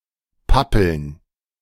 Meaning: plural of Pappel
- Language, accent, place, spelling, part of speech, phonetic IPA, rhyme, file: German, Germany, Berlin, Pappeln, noun, [ˈpapl̩n], -apl̩n, De-Pappeln.ogg